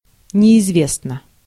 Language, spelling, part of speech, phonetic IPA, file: Russian, неизвестно, adjective, [nʲɪɪzˈvʲesnə], Ru-неизвестно.ogg
- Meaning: 1. it is not (well) known 2. short neuter singular of неизве́стный (neizvéstnyj)